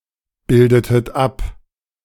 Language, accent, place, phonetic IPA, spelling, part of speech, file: German, Germany, Berlin, [ˌbɪldətət ˈap], bildetet ab, verb, De-bildetet ab.ogg
- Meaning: inflection of abbilden: 1. second-person plural preterite 2. second-person plural subjunctive II